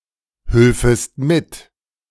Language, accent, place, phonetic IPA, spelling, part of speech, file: German, Germany, Berlin, [ˌhʏlfəst ˈmɪt], hülfest mit, verb, De-hülfest mit.ogg
- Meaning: second-person singular subjunctive II of mithelfen